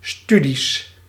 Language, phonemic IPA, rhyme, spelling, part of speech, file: Dutch, /ˈsty.dis/, -ydis, studies, noun, Nl-studies.ogg
- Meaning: plural of studie